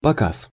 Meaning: show, demonstration
- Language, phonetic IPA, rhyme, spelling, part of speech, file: Russian, [pɐˈkas], -as, показ, noun, Ru-показ.ogg